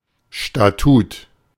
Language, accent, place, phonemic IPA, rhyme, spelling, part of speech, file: German, Germany, Berlin, /ʃtaˈtuːt/, -uːt, Statut, noun, De-Statut.ogg
- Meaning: statute, bylaw, charter, a body of legal provisions defined by a corporation for itself